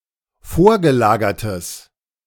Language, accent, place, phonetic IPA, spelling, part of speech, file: German, Germany, Berlin, [ˈfoːɐ̯ɡəˌlaːɡɐtəs], vorgelagertes, adjective, De-vorgelagertes.ogg
- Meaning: strong/mixed nominative/accusative neuter singular of vorgelagert